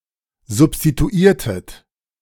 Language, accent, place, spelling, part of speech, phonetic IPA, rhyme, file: German, Germany, Berlin, substituiertet, verb, [zʊpstituˈiːɐ̯tət], -iːɐ̯tət, De-substituiertet.ogg
- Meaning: inflection of substituieren: 1. second-person plural preterite 2. second-person plural subjunctive II